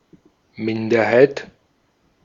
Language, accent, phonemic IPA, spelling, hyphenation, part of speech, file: German, Austria, /ˈmɪndɐhaɪ̯t/, Minderheit, Min‧der‧heit, noun, De-at-Minderheit.ogg
- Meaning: minority